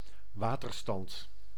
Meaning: water level
- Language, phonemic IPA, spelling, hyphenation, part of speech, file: Dutch, /ˈʋaːtərstɑnt/, waterstand, wa‧ter‧stand, noun, Nl-waterstand.ogg